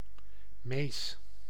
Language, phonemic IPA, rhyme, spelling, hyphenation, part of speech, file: Dutch, /meːs/, -eːs, mees, mees, noun, Nl-mees.ogg
- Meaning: tit, bird of the family Paridae